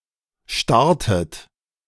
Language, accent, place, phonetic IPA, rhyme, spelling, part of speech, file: German, Germany, Berlin, [ˈʃtaʁtət], -aʁtət, starrtet, verb, De-starrtet.ogg
- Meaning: inflection of starren: 1. second-person plural preterite 2. second-person plural subjunctive II